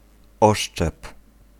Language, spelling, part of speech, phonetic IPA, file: Polish, oszczep, noun, [ˈɔʃt͡ʃɛp], Pl-oszczep.ogg